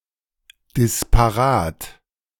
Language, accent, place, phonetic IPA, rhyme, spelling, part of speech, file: German, Germany, Berlin, [dɪspaˈʁaːt], -aːt, disparat, adjective, De-disparat.ogg
- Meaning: disparate